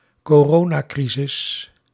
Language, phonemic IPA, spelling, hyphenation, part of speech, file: Dutch, /koːˈroː.naːˌkri.zɪs/, coronacrisis, co‧ro‧na‧cri‧sis, proper noun, Nl-coronacrisis.ogg
- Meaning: the global health crisis and societal and economic crisis caused by the coronavirus pandemic of 2020 (pathogen SARS-CoV-2, disease COVID-19)